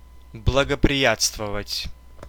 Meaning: to favor, to be favorable towards
- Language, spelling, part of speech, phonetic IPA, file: Russian, благоприятствовать, verb, [bɫəɡəprʲɪˈjat͡stvəvətʲ], Ru-благоприятствовать.ogg